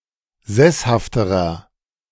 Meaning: inflection of sesshaft: 1. strong/mixed nominative masculine singular comparative degree 2. strong genitive/dative feminine singular comparative degree 3. strong genitive plural comparative degree
- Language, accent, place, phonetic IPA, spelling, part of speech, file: German, Germany, Berlin, [ˈzɛshaftəʁɐ], sesshafterer, adjective, De-sesshafterer.ogg